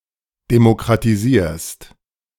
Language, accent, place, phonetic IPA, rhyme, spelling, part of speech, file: German, Germany, Berlin, [demokʁatiˈziːɐ̯st], -iːɐ̯st, demokratisierst, verb, De-demokratisierst.ogg
- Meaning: second-person singular present of demokratisieren